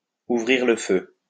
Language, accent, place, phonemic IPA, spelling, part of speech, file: French, France, Lyon, /u.vʁiʁ lə fø/, ouvrir le feu, verb, LL-Q150 (fra)-ouvrir le feu.wav
- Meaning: to open fire